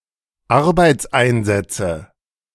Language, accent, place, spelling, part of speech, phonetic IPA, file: German, Germany, Berlin, Arbeitseinsätze, noun, [ˈaʁbaɪ̯t͡sˌʔaɪ̯nzɛt͡sə], De-Arbeitseinsätze.ogg
- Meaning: nominative/accusative/genitive plural of Arbeitseinsatz